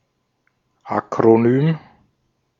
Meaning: acronym (a word formed by initial letters)
- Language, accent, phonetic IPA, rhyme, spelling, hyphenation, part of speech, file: German, Austria, [ˌak.ʁoˈnyːm], -yːm, Akronym, Ak‧ro‧nym, noun, De-at-Akronym.ogg